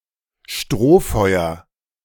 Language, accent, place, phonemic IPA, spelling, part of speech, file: German, Germany, Berlin, /ˈʃtʁoːˌfɔɪ̯ɐ/, Strohfeuer, noun, De-Strohfeuer.ogg
- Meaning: 1. flash in the pan 2. straw fire